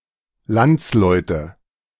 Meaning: nominative/accusative/genitive plural of Landsmann
- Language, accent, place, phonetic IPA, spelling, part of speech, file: German, Germany, Berlin, [ˈlant͡sˌlɔɪ̯tə], Landsleute, noun, De-Landsleute.ogg